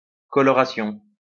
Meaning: color; coloring; coloration
- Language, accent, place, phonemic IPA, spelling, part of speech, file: French, France, Lyon, /kɔ.lɔ.ʁa.sjɔ̃/, coloration, noun, LL-Q150 (fra)-coloration.wav